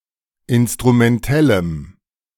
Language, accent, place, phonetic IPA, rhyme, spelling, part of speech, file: German, Germany, Berlin, [ˌɪnstʁumɛnˈtɛləm], -ɛləm, instrumentellem, adjective, De-instrumentellem.ogg
- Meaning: strong dative masculine/neuter singular of instrumentell